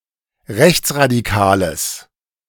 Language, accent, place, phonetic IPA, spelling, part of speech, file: German, Germany, Berlin, [ˈʁɛçt͡sʁadiˌkaːləs], rechtsradikales, adjective, De-rechtsradikales.ogg
- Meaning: strong/mixed nominative/accusative neuter singular of rechtsradikal